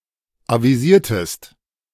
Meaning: inflection of avisieren: 1. second-person singular preterite 2. second-person singular subjunctive II
- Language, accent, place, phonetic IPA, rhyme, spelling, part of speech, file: German, Germany, Berlin, [ˌaviˈziːɐ̯təst], -iːɐ̯təst, avisiertest, verb, De-avisiertest.ogg